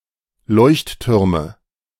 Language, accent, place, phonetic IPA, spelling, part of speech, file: German, Germany, Berlin, [ˈlɔɪ̯çtˌtʏʁmə], Leuchttürme, noun, De-Leuchttürme.ogg
- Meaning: nominative/accusative/genitive plural of Leuchtturm